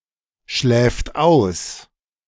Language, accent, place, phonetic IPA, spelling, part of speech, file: German, Germany, Berlin, [ˌʃlɛːft ˈaʊ̯s], schläft aus, verb, De-schläft aus.ogg
- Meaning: third-person singular present of ausschlafen